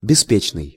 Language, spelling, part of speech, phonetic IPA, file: Russian, беспечный, adjective, [bʲɪˈspʲet͡ɕnɨj], Ru-беспечный.ogg
- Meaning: 1. careless, carefree, unconcerned 2. nonchalant